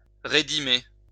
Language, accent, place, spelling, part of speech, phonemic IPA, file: French, France, Lyon, rédimer, verb, /ʁe.di.me/, LL-Q150 (fra)-rédimer.wav
- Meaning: to pay, chiefly compensation, etc